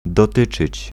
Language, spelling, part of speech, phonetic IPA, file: Polish, dotyczyć, verb, [dɔˈtɨt͡ʃɨt͡ɕ], Pl-dotyczyć.ogg